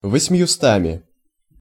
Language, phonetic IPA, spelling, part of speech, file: Russian, [vəsʲm⁽ʲ⁾jʊˈstamʲɪ], восьмьюстами, numeral, Ru-восьмьюстами.ogg
- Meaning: instrumental of восемьсо́т (vosemʹsót)